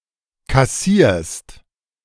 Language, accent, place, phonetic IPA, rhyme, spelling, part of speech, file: German, Germany, Berlin, [kaˈsiːɐ̯st], -iːɐ̯st, kassierst, verb, De-kassierst.ogg
- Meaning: second-person singular present of kassieren